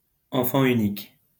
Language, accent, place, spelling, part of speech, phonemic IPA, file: French, France, Lyon, enfant unique, noun, /ɑ̃.fɑ̃ y.nik/, LL-Q150 (fra)-enfant unique.wav
- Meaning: only child